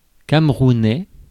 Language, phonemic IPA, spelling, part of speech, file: French, /kam.ʁu.nɛ/, camerounais, adjective, Fr-camerounais.ogg
- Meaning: of Cameroon; Cameroonian